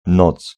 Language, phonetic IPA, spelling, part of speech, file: Polish, [nɔt͡s], noc, noun, Pl-noc.ogg